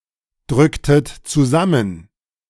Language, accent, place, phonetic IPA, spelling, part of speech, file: German, Germany, Berlin, [ˌdʁʏktət t͡suˈzamən], drücktet zusammen, verb, De-drücktet zusammen.ogg
- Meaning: inflection of zusammendrücken: 1. second-person plural preterite 2. second-person plural subjunctive II